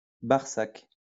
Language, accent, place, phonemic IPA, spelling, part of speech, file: French, France, Lyon, /baʁ.sak/, barsac, noun, LL-Q150 (fra)-barsac.wav
- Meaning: Barsac (wine)